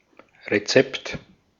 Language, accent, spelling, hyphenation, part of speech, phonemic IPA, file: German, Austria, Rezept, Re‧zept, noun, /ʁeˈt͡sɛpt/, De-at-Rezept.ogg
- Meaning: 1. recipe, formula, guidance 2. recipe 3. medical prescription